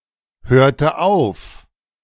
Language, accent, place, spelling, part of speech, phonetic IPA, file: German, Germany, Berlin, hörte auf, verb, [ˌhøːɐ̯tə ˈaʊ̯f], De-hörte auf.ogg
- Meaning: inflection of aufhören: 1. first/third-person singular preterite 2. first/third-person singular subjunctive II